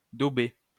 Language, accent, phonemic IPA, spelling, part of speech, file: French, France, /do.be/, dauber, verb, LL-Q150 (fra)-dauber.wav
- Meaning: 1. to hit; to strike 2. to insult; to denigrate; to defame 3. to stink